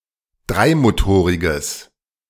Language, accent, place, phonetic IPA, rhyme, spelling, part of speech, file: German, Germany, Berlin, [ˈdʁaɪ̯moˌtoːʁɪɡəs], -aɪ̯motoːʁɪɡəs, dreimotoriges, adjective, De-dreimotoriges.ogg
- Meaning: strong/mixed nominative/accusative neuter singular of dreimotorig